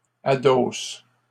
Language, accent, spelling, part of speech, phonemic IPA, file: French, Canada, adosse, verb, /a.dos/, LL-Q150 (fra)-adosse.wav
- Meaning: inflection of adosser: 1. first/third-person singular present indicative/subjunctive 2. second-person singular imperative